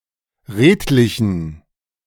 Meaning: inflection of redlich: 1. strong genitive masculine/neuter singular 2. weak/mixed genitive/dative all-gender singular 3. strong/weak/mixed accusative masculine singular 4. strong dative plural
- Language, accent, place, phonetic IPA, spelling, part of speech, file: German, Germany, Berlin, [ˈʁeːtlɪçn̩], redlichen, adjective, De-redlichen.ogg